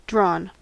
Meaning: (verb) past participle of draw; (adjective) 1. Depleted 2. Depleted.: Appearing tired and unwell, as from stress; haggard 3. Undecided; having no definite winner and loser; at a draw
- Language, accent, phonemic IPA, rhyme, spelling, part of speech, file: English, US, /dɹɔn/, -ɔːn, drawn, verb / adjective, En-us-drawn.ogg